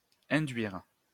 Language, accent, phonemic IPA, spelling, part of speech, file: French, France, /ɛ̃.dɥiʁ/, induire, verb, LL-Q150 (fra)-induire.wav
- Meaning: 1. to induce, to cause 2. to infer by inductive reasoning 3. produce by induction